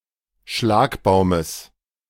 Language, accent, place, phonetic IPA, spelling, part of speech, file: German, Germany, Berlin, [ˈʃlaːkbaʊ̯məs], Schlagbaumes, noun, De-Schlagbaumes.ogg
- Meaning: genitive singular of Schlagbaum